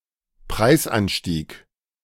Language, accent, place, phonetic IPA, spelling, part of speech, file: German, Germany, Berlin, [ˈpʁaɪ̯sˌʔanʃtiːk], Preisanstieg, noun, De-Preisanstieg.ogg
- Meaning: inflation (price increase)